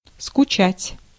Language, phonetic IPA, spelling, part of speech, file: Russian, [skʊˈt͡ɕætʲ], скучать, verb, Ru-скучать.ogg
- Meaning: 1. to be bored 2. to long for, to miss